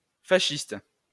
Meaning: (adjective) alternative spelling of fasciste
- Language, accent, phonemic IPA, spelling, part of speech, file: French, France, /fa.ʃist/, fachiste, adjective / noun, LL-Q150 (fra)-fachiste.wav